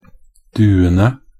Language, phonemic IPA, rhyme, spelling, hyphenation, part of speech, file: Norwegian Bokmål, /ˈdʉːənə/, -ənə, duene, du‧en‧e, noun, Nb-duene.ogg
- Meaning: definite plural of due